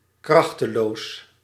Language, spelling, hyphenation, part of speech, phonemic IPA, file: Dutch, krachteloos, krach‧te‧loos, adjective, /ˈkrɑxtəloːs/, Nl-krachteloos.ogg
- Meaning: powerless